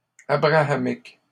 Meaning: of the patriarch Abraham; Abrahamitic
- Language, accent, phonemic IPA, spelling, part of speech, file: French, Canada, /a.bʁa.a.mik/, abrahamique, adjective, LL-Q150 (fra)-abrahamique.wav